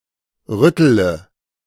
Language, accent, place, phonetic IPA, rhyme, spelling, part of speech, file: German, Germany, Berlin, [ˈʁʏtələ], -ʏtələ, rüttele, verb, De-rüttele.ogg
- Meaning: inflection of rütteln: 1. first-person singular present 2. first-person plural subjunctive I 3. third-person singular subjunctive I 4. singular imperative